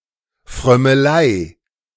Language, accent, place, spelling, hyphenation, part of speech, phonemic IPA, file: German, Germany, Berlin, Frömmelei, Fröm‧me‧lei, noun, /fʁœməˈlaɪ̯/, De-Frömmelei.ogg
- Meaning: piety